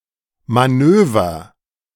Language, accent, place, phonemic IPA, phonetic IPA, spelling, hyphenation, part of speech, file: German, Germany, Berlin, /maˈnøːvər/, [maˈnøː.vɐ], Manöver, Ma‧nö‧ver, noun, De-Manöver.ogg
- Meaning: maneuver